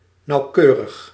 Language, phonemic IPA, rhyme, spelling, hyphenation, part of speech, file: Dutch, /ˌnɑu̯ˈkøː.rəx/, -øːrəx, nauwkeurig, nauw‧keu‧rig, adjective, Nl-nauwkeurig.ogg
- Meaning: precise, accurate